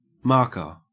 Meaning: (noun) Someone or something that creates marks, particularly: 1. A felt-tipped pen, a marker pen 2. A scorekeeper, especially one who tallies billiard scores 3. A device that fires a paintball
- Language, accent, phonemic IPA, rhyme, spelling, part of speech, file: English, Australia, /ˈmɑː(ɹ)kə(ɹ)/, -ɑː(ɹ)kə(ɹ), marker, noun / verb, En-au-marker.ogg